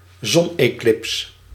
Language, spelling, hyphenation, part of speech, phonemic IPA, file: Dutch, zoneclips, zon‧eclips, noun, /ˈzɔn.eːˌklɪps/, Nl-zoneclips.ogg
- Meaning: solar eclipse